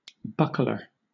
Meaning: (noun) One who buckles something
- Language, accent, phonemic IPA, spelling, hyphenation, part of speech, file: English, Southern England, /ˈbʌk.lə/, buckler, buck‧ler, noun / verb, LL-Q1860 (eng)-buckler.wav